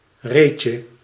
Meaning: 1. diminutive of reet 2. diminutive of ree
- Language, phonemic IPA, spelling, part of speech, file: Dutch, /ˈrecə/, reetje, noun, Nl-reetje.ogg